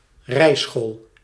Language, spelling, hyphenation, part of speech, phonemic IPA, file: Dutch, rijschool, rij‧school, noun, /ˈrɛi̯.sxoːl/, Nl-rijschool.ogg
- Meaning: driving school